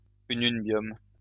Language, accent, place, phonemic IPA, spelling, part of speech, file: French, France, Lyon, /y.nyn.bjɔm/, ununbium, noun, LL-Q150 (fra)-ununbium.wav
- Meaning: ununbium